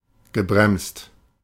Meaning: past participle of bremsen
- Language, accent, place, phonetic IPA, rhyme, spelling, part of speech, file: German, Germany, Berlin, [ɡəˈbʁɛmst], -ɛmst, gebremst, verb, De-gebremst.ogg